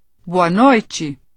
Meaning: 1. good evening (used as a greeting in the evening and night) 2. good night (a farewell said in before going to sleep)
- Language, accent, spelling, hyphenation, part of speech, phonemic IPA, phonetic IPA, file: Portuguese, Brazil, boa noite, bo‧a noi‧te, interjection, /ˈbo.ɐ ˈnoj.t͡ʃi/, [ˈbo.ɐ ˈnoɪ̯.t͡ʃi], Pt boa noite.ogg